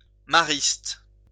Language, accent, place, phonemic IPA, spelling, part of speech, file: French, France, Lyon, /ma.ʁist/, mariste, adjective, LL-Q150 (fra)-mariste.wav
- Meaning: Marist